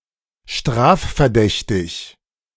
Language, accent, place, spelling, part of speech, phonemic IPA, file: German, Germany, Berlin, strafverdächtig, adjective, /ˈʃtʁaːffɛɐ̯ˌdɛçtɪç/, De-strafverdächtig.ogg
- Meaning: suspected of committing a crime